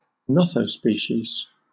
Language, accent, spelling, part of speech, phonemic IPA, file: English, Southern England, nothospecies, noun, /ˈnɒθəʊˌspiːʃiz/, LL-Q1860 (eng)-nothospecies.wav
- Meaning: A hybrid which is formed by direct hybridization of two species, not other hybrids